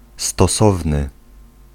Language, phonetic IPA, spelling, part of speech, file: Polish, [stɔˈsɔvnɨ], stosowny, adjective, Pl-stosowny.ogg